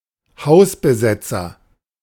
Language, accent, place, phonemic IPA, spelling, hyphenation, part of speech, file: German, Germany, Berlin, /ˈhaʊ̯sbəˌzɛt͡sɐ/, Hausbesetzer, Haus‧be‧set‧zer, noun, De-Hausbesetzer.ogg
- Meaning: squatter (one who occupies an empty house/flat and refuses to leave; male or of unspecified sex)